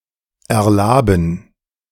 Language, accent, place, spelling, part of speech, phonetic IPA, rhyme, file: German, Germany, Berlin, erlaben, verb, [ɛɐ̯ˈlaːbn̩], -aːbn̩, De-erlaben.ogg
- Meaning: invigorate, refresh